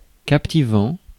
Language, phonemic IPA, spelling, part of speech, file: French, /kap.ti.vɑ̃/, captivant, verb / adjective, Fr-captivant.ogg
- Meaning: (verb) present participle of captiver; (adjective) captivating; fascinating; absorbing